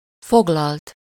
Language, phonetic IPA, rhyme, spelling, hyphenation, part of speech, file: Hungarian, [ˈfoɡlɒlt], -ɒlt, foglalt, fog‧lalt, verb / adjective, Hu-foglalt.ogg
- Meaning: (verb) 1. third-person singular indicative past indefinite of foglal 2. past participle of foglal; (adjective) occupied, engaged, busy, taken